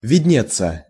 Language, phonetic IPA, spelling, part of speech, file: Russian, [vʲɪdʲˈnʲet͡sːə], виднеться, verb, Ru-виднеться.ogg
- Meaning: to be seen, to be visible